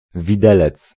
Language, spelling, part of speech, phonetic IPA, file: Polish, widelec, noun, [vʲiˈdɛlɛt͡s], Pl-widelec.ogg